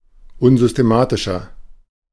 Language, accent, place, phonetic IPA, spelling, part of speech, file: German, Germany, Berlin, [ˈʊnzʏsteˌmaːtɪʃɐ], unsystematischer, adjective, De-unsystematischer.ogg
- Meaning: 1. comparative degree of unsystematisch 2. inflection of unsystematisch: strong/mixed nominative masculine singular 3. inflection of unsystematisch: strong genitive/dative feminine singular